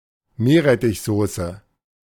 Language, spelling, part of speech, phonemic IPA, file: German, Meerrettichsoße, noun, /ˈmeːɐ̯ʁɛtɪçˌzoːsə/, De-Meerrettichsoße.oga
- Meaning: horseradish sauce